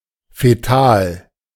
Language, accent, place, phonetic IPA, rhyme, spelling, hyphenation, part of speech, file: German, Germany, Berlin, [feˈtaːl], -aːl, fetal, fe‧tal, adjective, De-fetal.ogg
- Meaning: fetal